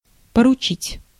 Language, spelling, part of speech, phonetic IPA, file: Russian, поручить, verb, [pərʊˈt͡ɕitʲ], Ru-поручить.ogg
- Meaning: to charge, to commission, to entrust, to instruct